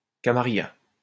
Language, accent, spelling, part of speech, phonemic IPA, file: French, France, camarilla, noun, /ka.ma.ʁi.ja/, LL-Q150 (fra)-camarilla.wav
- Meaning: camarilla